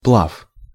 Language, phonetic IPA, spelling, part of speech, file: Russian, [pɫaf], плав, noun, Ru-плав.ogg
- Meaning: swimming, swim, floating (only in combinations) (the condition of swimming or floating)